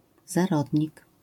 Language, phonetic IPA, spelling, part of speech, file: Polish, [zaˈrɔdʲɲik], zarodnik, noun, LL-Q809 (pol)-zarodnik.wav